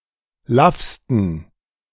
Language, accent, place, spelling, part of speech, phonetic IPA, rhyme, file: German, Germany, Berlin, laffsten, adjective, [ˈlafstn̩], -afstn̩, De-laffsten.ogg
- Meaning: 1. superlative degree of laff 2. inflection of laff: strong genitive masculine/neuter singular superlative degree